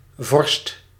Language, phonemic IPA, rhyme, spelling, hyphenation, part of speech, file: Dutch, /vɔrst/, -ɔrst, vorst, vorst, noun / verb, Nl-vorst.ogg
- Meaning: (noun) 1. the generic term for prince, monarch, ruler 2. a prince, rendering of tradition-specific title of certain ranks (all below King) 3. frost